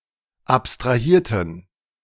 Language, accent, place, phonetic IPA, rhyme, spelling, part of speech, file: German, Germany, Berlin, [ˌapstʁaˈhiːɐ̯tn̩], -iːɐ̯tn̩, abstrahierten, adjective / verb, De-abstrahierten.ogg
- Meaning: inflection of abstrahieren: 1. first/third-person plural preterite 2. first/third-person plural subjunctive II